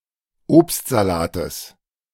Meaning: genitive singular of Obstsalat
- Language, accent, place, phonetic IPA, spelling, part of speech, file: German, Germany, Berlin, [ˈoːpstzaˌlaːtəs], Obstsalates, noun, De-Obstsalates.ogg